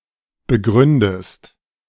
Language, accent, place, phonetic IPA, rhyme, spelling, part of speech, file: German, Germany, Berlin, [bəˈɡʁʏndəst], -ʏndəst, begründest, verb, De-begründest.ogg
- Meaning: inflection of begründen: 1. second-person singular present 2. second-person singular subjunctive I